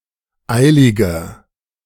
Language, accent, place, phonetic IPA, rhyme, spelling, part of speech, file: German, Germany, Berlin, [ˈaɪ̯lɪɡɐ], -aɪ̯lɪɡɐ, eiliger, adjective, De-eiliger.ogg
- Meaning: inflection of eilig: 1. strong/mixed nominative masculine singular 2. strong genitive/dative feminine singular 3. strong genitive plural